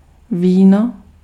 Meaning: wine
- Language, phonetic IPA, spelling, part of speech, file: Czech, [ˈviːno], víno, noun, Cs-víno.ogg